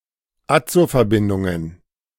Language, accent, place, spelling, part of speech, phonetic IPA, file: German, Germany, Berlin, Azoverbindungen, noun, [ˈat͡sofɛɐ̯ˌbɪndʊŋən], De-Azoverbindungen.ogg
- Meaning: plural of Azoverbindung